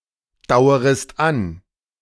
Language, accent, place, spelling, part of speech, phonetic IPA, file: German, Germany, Berlin, dauerest an, verb, [ˌdaʊ̯əʁəst ˈan], De-dauerest an.ogg
- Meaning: second-person singular subjunctive I of andauern